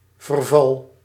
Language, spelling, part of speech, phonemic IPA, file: Dutch, verval, noun / verb, /vərˈvɑl/, Nl-verval.ogg
- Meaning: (noun) 1. decay 2. vertical distance between two points of a watercourse (in units of length); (verb) inflection of vervallen: first-person singular present indicative